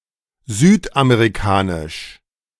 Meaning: South American
- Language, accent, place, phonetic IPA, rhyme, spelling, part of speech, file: German, Germany, Berlin, [ˈzyːtʔameːʁiˈkaːnɪʃ], -aːnɪʃ, südamerikanisch, adjective, De-südamerikanisch.ogg